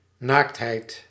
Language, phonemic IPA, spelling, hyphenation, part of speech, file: Dutch, /ˈnaːktɦɛi̯t/, naaktheid, naakt‧heid, noun, Nl-naaktheid.ogg
- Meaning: the naked state or nude condition, nudity